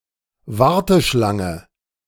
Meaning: queue (of people, or items)
- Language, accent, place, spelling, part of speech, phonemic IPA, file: German, Germany, Berlin, Warteschlange, noun, /ˈvaʁtəˌʃlaŋə/, De-Warteschlange.ogg